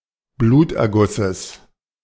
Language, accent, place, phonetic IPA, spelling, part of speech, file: German, Germany, Berlin, [ˈbluːtʔɛɐ̯ˌɡʊsəs], Blutergusses, noun, De-Blutergusses.ogg
- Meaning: genitive singular of Bluterguss